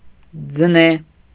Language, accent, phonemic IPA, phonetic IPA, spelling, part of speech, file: Armenian, Eastern Armenian, /d͡zəˈne/, [d͡zəné], ձնե, adjective, Hy-ձնե.ogg
- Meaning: alternative form of ձյունե (jyune)